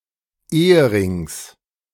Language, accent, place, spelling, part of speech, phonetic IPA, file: German, Germany, Berlin, Eherings, noun, [ˈeːəˌʁɪŋs], De-Eherings.ogg
- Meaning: genitive singular of Ehering